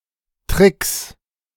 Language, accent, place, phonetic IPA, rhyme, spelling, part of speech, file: German, Germany, Berlin, [tʁɪks], -ɪks, Tricks, noun, De-Tricks.ogg
- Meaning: 1. genitive singular of Trick 2. plural of Trick